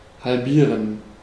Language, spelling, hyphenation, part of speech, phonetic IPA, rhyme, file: German, halbieren, hal‧bie‧ren, verb, [halˈbiːʁən], -iːʁən, De-halbieren.ogg
- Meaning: to halve, to cut in half, to bisect